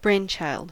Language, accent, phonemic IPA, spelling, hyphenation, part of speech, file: English, General American, /ˈbɹeɪnˌt͡ʃaɪld/, brainchild, brain‧child, noun / verb, En-us-brainchild.ogg
- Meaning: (noun) A creation of one's brain; an original idea or innovation of a person or group of people, an organization, etc; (verb) To think up (an idea or innovation); to come up with